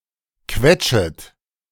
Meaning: second-person plural subjunctive I of quetschen
- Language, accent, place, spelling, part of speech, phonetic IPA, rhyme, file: German, Germany, Berlin, quetschet, verb, [ˈkvɛt͡ʃət], -ɛt͡ʃət, De-quetschet.ogg